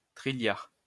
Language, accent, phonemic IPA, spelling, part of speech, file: French, France, /tʁi.ljaʁ/, trilliard, numeral, LL-Q150 (fra)-trilliard.wav
- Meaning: sextillion (10²¹)